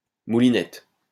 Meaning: 1. moulinette 2. a program that performs a series of simple, repetitive calculations 3. top-roping
- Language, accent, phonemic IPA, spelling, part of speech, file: French, France, /mu.li.nɛt/, moulinette, noun, LL-Q150 (fra)-moulinette.wav